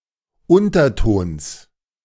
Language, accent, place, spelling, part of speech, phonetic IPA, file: German, Germany, Berlin, Untertons, noun, [ˈʊntɐˌtoːns], De-Untertons.ogg
- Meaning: genitive singular of Unterton